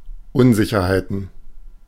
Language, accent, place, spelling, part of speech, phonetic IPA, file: German, Germany, Berlin, Unsicherheiten, noun, [ˈʊnzɪçɐhaɪ̯tn̩], De-Unsicherheiten.ogg
- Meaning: plural of Unsicherheit